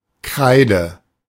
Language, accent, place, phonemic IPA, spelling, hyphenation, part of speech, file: German, Germany, Berlin, /ˈkʁaɪ̯də/, Kreide, Krei‧de, noun / proper noun, De-Kreide.ogg
- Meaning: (noun) a chalk (a piece of chalk used for drawing and on a blackboard); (proper noun) the Cretaceous